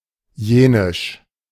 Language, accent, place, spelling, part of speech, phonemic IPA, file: German, Germany, Berlin, jenisch, adjective, /ˈjeːnɪʃ/, De-jenisch.ogg
- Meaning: Yenish